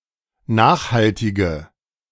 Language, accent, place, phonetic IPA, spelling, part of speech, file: German, Germany, Berlin, [ˈnaːxhaltɪɡə], nachhaltige, adjective, De-nachhaltige.ogg
- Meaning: inflection of nachhaltig: 1. strong/mixed nominative/accusative feminine singular 2. strong nominative/accusative plural 3. weak nominative all-gender singular